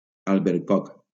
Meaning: apricot
- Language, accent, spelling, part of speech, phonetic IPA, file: Catalan, Valencia, albercoc, noun, [al.beɾˈkɔk], LL-Q7026 (cat)-albercoc.wav